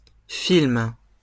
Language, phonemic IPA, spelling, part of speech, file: French, /film/, films, noun, LL-Q150 (fra)-films.wav
- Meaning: plural of film